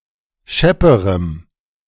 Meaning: strong dative masculine/neuter singular comparative degree of schepp
- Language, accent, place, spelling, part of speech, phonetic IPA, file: German, Germany, Berlin, schepperem, adjective, [ˈʃɛpəʁəm], De-schepperem.ogg